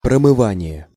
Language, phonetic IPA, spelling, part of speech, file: Russian, [prəmɨˈvanʲɪje], промывание, noun, Ru-промывание.ogg
- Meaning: ablution, abstersion, douche, irrigation, lavement